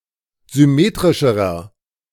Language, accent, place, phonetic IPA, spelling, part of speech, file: German, Germany, Berlin, [zʏˈmeːtʁɪʃəʁɐ], symmetrischerer, adjective, De-symmetrischerer.ogg
- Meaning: inflection of symmetrisch: 1. strong/mixed nominative masculine singular comparative degree 2. strong genitive/dative feminine singular comparative degree 3. strong genitive plural comparative degree